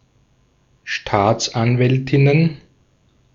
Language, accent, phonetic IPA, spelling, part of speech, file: German, Austria, [ˈʃtaːt͡sʔanˌvɛltɪnən], Staatsanwältinnen, noun, De-at-Staatsanwältinnen.ogg
- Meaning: plural of Staatsanwältin